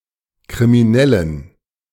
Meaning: genitive singular of Krimineller
- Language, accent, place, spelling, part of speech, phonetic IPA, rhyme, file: German, Germany, Berlin, Kriminellen, noun, [kʁimiˈnɛlən], -ɛlən, De-Kriminellen.ogg